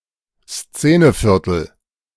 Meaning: trendy neighborhood
- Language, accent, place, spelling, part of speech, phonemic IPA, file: German, Germany, Berlin, Szeneviertel, noun, /ˈst͡seːnəˌfɪʁtl̩/, De-Szeneviertel.ogg